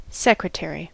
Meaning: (noun) 1. A person who keeps records, takes notes and handles general clerical work 2. The head of a department of government
- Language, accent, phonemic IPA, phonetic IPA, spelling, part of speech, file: English, US, /ˈsɛk.(ɹ)əˌtɛɹ.i/, [ˈsɛk.(ɹ)əˌtʰɛɹ.i], secretary, noun / verb, En-us-secretary.ogg